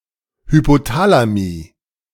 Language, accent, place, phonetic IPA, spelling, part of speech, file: German, Germany, Berlin, [hypoˈtaːlami], Hypothalami, noun, De-Hypothalami.ogg
- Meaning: plural of Hypothalamus